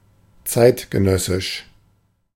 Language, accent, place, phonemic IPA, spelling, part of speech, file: German, Germany, Berlin, /ˈtsaɪ̯tɡəˌnœsɪʃ/, zeitgenössisch, adjective, De-zeitgenössisch.ogg
- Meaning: 1. contemporary (of the same age as something) 2. contemporary (of the present age; especially of art or culture)